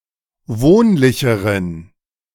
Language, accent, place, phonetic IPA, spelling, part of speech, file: German, Germany, Berlin, [ˈvoːnlɪçəʁən], wohnlicheren, adjective, De-wohnlicheren.ogg
- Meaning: inflection of wohnlich: 1. strong genitive masculine/neuter singular comparative degree 2. weak/mixed genitive/dative all-gender singular comparative degree